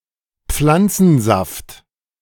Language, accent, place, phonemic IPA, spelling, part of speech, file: German, Germany, Berlin, /ˈp͡flant͡sn̩ˌzaft/, Pflanzensaft, noun, De-Pflanzensaft.ogg
- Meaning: sap (of a plant)